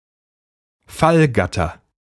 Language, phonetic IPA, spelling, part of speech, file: German, [ˈfalˌɡatɐ], Fallgatter, noun, De-Fallgatter.ogg
- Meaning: portcullis